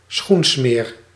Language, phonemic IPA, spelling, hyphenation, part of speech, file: Dutch, /ˈsxun.smeːr/, schoensmeer, schoen‧smeer, noun, Nl-schoensmeer.ogg
- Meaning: shoe polish